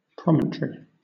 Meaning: 1. A high point of land extending into a body of water, headland; cliff 2. A projecting part of the body.: A projection on the sacrum
- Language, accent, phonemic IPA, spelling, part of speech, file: English, Southern England, /ˈpɹɒm.ən.tɹi/, promontory, noun, LL-Q1860 (eng)-promontory.wav